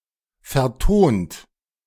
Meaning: 1. past participle of vertonen 2. inflection of vertonen: third-person singular present 3. inflection of vertonen: second-person plural present 4. inflection of vertonen: plural imperative
- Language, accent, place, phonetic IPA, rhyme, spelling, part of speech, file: German, Germany, Berlin, [fɛɐ̯ˈtoːnt], -oːnt, vertont, verb, De-vertont.ogg